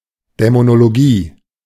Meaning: demonology
- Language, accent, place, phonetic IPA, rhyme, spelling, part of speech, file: German, Germany, Berlin, [ˌdɛmonoloˈɡiː], -iː, Dämonologie, noun, De-Dämonologie.ogg